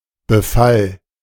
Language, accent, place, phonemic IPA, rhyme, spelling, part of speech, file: German, Germany, Berlin, /bəˈfal/, -al, Befall, noun, De-Befall.ogg
- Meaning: infestation